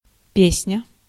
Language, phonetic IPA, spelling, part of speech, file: Russian, [ˈpʲesnʲə], песня, noun, Ru-песня.ogg
- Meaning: 1. song 2. something very good, very cool 3. canticle